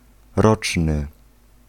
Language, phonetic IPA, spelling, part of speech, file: Polish, [ˈrɔt͡ʃnɨ], roczny, adjective, Pl-roczny.ogg